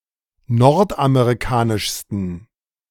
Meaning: 1. superlative degree of nordamerikanisch 2. inflection of nordamerikanisch: strong genitive masculine/neuter singular superlative degree
- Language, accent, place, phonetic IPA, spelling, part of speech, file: German, Germany, Berlin, [ˈnɔʁtʔameʁiˌkaːnɪʃstn̩], nordamerikanischsten, adjective, De-nordamerikanischsten.ogg